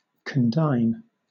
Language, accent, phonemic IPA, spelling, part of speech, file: English, Southern England, /kənˈdʌɪn/, condign, adjective, LL-Q1860 (eng)-condign.wav
- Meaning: Fitting, appropriate, deserved, especially denoting punishment